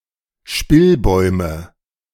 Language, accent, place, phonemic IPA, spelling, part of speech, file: German, Germany, Berlin, /ˈʃpɪlˌbɔʏmə/, Spillbäume, noun, De-Spillbäume.ogg
- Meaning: nominative/accusative/genitive plural of Spillbaum